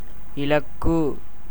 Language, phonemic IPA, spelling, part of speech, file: Tamil, /ɪlɐkːɯ/, இலக்கு, noun, Ta-இலக்கு.ogg
- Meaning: 1. target, aim, scope 2. goal, object 3. distinguishing mark 4. favorable opportunity, convenient time